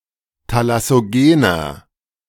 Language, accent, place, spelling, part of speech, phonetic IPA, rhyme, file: German, Germany, Berlin, thalassogener, adjective, [talasoˈɡeːnɐ], -eːnɐ, De-thalassogener.ogg
- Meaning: inflection of thalassogen: 1. strong/mixed nominative masculine singular 2. strong genitive/dative feminine singular 3. strong genitive plural